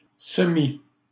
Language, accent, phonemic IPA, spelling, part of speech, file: French, Canada, /sə.mi/, semi-, prefix, LL-Q150 (fra)-semi-.wav
- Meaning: semi-, demi-, half-